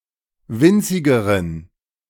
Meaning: inflection of winzig: 1. strong genitive masculine/neuter singular comparative degree 2. weak/mixed genitive/dative all-gender singular comparative degree
- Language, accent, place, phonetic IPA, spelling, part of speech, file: German, Germany, Berlin, [ˈvɪnt͡sɪɡəʁən], winzigeren, adjective, De-winzigeren.ogg